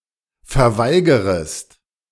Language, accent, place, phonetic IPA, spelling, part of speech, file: German, Germany, Berlin, [fɛɐ̯ˈvaɪ̯ɡəʁəst], verweigerest, verb, De-verweigerest.ogg
- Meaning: second-person singular subjunctive I of verweigern